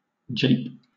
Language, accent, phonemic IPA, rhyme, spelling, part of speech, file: English, Southern England, /d͡ʒeɪp/, -eɪp, jape, noun / verb, LL-Q1860 (eng)-jape.wav
- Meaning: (noun) 1. A joke or quip 2. A prank or trick; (verb) 1. To jest; play tricks 2. To mock; deride 3. To have sexual intercourse with